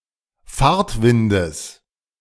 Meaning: genitive singular of Fahrtwind
- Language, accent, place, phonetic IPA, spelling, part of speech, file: German, Germany, Berlin, [ˈfaːɐ̯tˌvɪndəs], Fahrtwindes, noun, De-Fahrtwindes.ogg